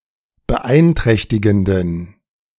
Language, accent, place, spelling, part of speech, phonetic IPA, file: German, Germany, Berlin, beeinträchtigenden, adjective, [bəˈʔaɪ̯nˌtʁɛçtɪɡn̩dən], De-beeinträchtigenden.ogg
- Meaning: inflection of beeinträchtigend: 1. strong genitive masculine/neuter singular 2. weak/mixed genitive/dative all-gender singular 3. strong/weak/mixed accusative masculine singular